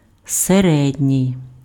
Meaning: 1. middle 2. medium 3. central 4. average 5. mean 6. neuter
- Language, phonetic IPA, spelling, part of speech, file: Ukrainian, [seˈrɛdʲnʲii̯], середній, adjective, Uk-середній.ogg